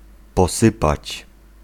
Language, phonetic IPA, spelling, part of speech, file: Polish, [pɔˈsɨpat͡ɕ], posypać, verb, Pl-posypać.ogg